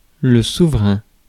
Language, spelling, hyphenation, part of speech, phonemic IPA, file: French, souverain, sou‧ve‧rain, adjective / noun, /su.vʁɛ̃/, Fr-souverain.ogg
- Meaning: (adjective) sovereign